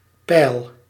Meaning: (noun) level; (verb) inflection of peilen: 1. first-person singular present indicative 2. second-person singular present indicative 3. imperative
- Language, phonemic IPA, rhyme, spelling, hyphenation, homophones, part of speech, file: Dutch, /pɛi̯l/, -ɛi̯l, peil, peil, pijl, noun / verb, Nl-peil.ogg